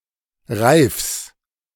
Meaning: genitive singular of Reif
- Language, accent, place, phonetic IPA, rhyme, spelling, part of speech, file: German, Germany, Berlin, [ʁaɪ̯fs], -aɪ̯fs, Reifs, noun, De-Reifs.ogg